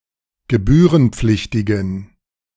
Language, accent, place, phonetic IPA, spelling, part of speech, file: German, Germany, Berlin, [ɡəˈbyːʁənˌp͡flɪçtɪɡn̩], gebührenpflichtigen, adjective, De-gebührenpflichtigen.ogg
- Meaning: inflection of gebührenpflichtig: 1. strong genitive masculine/neuter singular 2. weak/mixed genitive/dative all-gender singular 3. strong/weak/mixed accusative masculine singular